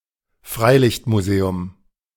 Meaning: outdoor / open-air museum
- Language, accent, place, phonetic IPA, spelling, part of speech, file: German, Germany, Berlin, [ˈfʁaɪ̯lɪçtmuˌzeːʊm], Freilichtmuseum, noun, De-Freilichtmuseum.ogg